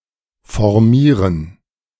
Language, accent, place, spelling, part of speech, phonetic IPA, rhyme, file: German, Germany, Berlin, formieren, verb, [fɔʁˈmiːʁən], -iːʁən, De-formieren.ogg
- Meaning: to deploy, to form up